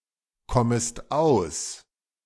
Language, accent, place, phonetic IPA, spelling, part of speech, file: German, Germany, Berlin, [ˌkɔməst ˈaʊ̯s], kommest aus, verb, De-kommest aus.ogg
- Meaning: second-person singular subjunctive I of auskommen